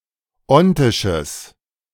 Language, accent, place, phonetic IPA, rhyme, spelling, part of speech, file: German, Germany, Berlin, [ˈɔntɪʃəs], -ɔntɪʃəs, ontisches, adjective, De-ontisches.ogg
- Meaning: strong/mixed nominative/accusative neuter singular of ontisch